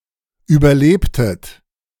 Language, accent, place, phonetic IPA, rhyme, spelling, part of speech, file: German, Germany, Berlin, [ˌyːbɐˈleːptət], -eːptət, überlebtet, verb, De-überlebtet.ogg
- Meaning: inflection of überleben: 1. second-person plural preterite 2. second-person plural subjunctive II